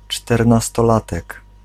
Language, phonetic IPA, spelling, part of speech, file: Polish, [ˌt͡ʃtɛrnastɔˈlatɛk], czternastolatek, noun, Pl-czternastolatek.ogg